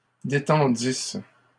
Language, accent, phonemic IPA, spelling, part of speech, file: French, Canada, /de.tɑ̃.dis/, détendissent, verb, LL-Q150 (fra)-détendissent.wav
- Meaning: third-person plural imperfect subjunctive of détendre